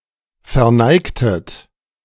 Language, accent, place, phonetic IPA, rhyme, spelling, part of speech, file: German, Germany, Berlin, [fɛɐ̯ˈnaɪ̯ktət], -aɪ̯ktət, verneigtet, verb, De-verneigtet.ogg
- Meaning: inflection of verneigen: 1. second-person plural preterite 2. second-person plural subjunctive II